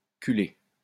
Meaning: to go astern, to back up
- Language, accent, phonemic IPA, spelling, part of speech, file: French, France, /ky.le/, culer, verb, LL-Q150 (fra)-culer.wav